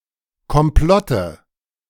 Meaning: nominative/accusative/genitive plural of Komplott
- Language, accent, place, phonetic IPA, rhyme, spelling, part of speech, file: German, Germany, Berlin, [kɔmˈplɔtə], -ɔtə, Komplotte, noun, De-Komplotte.ogg